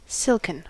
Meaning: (adjective) 1. Made of silk 2. Synonym of silky, like silk, silklike, particularly: Having a smooth, soft, or light texture 3. Synonym of silky, like silk, silklike, particularly: Suave
- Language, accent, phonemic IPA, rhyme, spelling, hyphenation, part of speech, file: English, US, /ˈsɪlkən/, -ɪlkən, silken, silk‧en, adjective / verb, En-us-silken.ogg